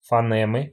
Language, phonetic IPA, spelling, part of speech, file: Russian, [fɐˈnɛmɨ], фонемы, noun, Ru-фонемы.ogg
- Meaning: inflection of фоне́ма (fonɛ́ma): 1. genitive singular 2. nominative/accusative plural